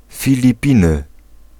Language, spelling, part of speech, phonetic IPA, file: Polish, Filipiny, proper noun, [ˌfʲilʲiˈpʲĩnɨ], Pl-Filipiny.ogg